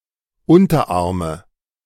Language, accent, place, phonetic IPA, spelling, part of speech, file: German, Germany, Berlin, [ˈʊntɐˌʔaːɐ̯mə], Unterarme, noun, De-Unterarme.ogg
- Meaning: nominative/accusative/genitive plural of Unterarm